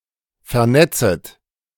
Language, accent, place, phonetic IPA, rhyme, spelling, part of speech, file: German, Germany, Berlin, [fɛɐ̯ˈnɛt͡sət], -ɛt͡sət, vernetzet, verb, De-vernetzet.ogg
- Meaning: second-person plural subjunctive I of vernetzen